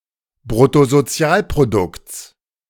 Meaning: genitive singular of Bruttosozialprodukt
- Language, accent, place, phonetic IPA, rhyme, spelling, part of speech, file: German, Germany, Berlin, [bʁʊtozoˈt͡si̯aːlpʁodʊkt͡s], -aːlpʁodʊkt͡s, Bruttosozialprodukts, noun, De-Bruttosozialprodukts.ogg